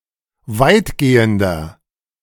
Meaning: 1. comparative degree of weitgehend 2. inflection of weitgehend: strong/mixed nominative masculine singular 3. inflection of weitgehend: strong genitive/dative feminine singular
- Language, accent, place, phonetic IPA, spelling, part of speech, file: German, Germany, Berlin, [ˈvaɪ̯tɡeːəndɐ], weitgehender, adjective, De-weitgehender.ogg